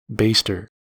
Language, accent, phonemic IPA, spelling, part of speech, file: English, US, /ˈbeɪstɚ/, baster, noun, En-us-baster.ogg
- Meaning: 1. One who bastes 2. A tool for basting meat with fat or gravy